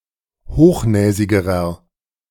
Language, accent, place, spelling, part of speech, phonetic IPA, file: German, Germany, Berlin, hochnäsigerer, adjective, [ˈhoːxˌnɛːzɪɡəʁɐ], De-hochnäsigerer.ogg
- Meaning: inflection of hochnäsig: 1. strong/mixed nominative masculine singular comparative degree 2. strong genitive/dative feminine singular comparative degree 3. strong genitive plural comparative degree